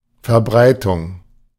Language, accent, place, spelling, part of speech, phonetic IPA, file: German, Germany, Berlin, Verbreitung, noun, [fɛɐ̯ˈbʁaɪ̯tʊŋ], De-Verbreitung.ogg
- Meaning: 1. spreading, dissemination 2. sale, selling, distribution 3. spread 4. distribution, dispersal 5. propagation